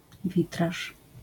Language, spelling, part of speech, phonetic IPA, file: Polish, witraż, noun, [ˈvʲitraʃ], LL-Q809 (pol)-witraż.wav